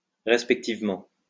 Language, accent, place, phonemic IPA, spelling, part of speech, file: French, France, Lyon, /ʁɛs.pɛk.tiv.mɑ̃/, resp., adverb, LL-Q150 (fra)-resp..wav
- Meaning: abbreviation of respectivement